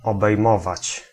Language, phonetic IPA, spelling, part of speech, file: Polish, [ˌɔbɛjˈmɔvat͡ɕ], obejmować, verb, Pl-obejmować.ogg